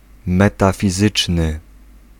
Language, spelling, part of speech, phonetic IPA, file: Polish, metafizyczny, adjective, [ˌmɛtafʲiˈzɨt͡ʃnɨ], Pl-metafizyczny.ogg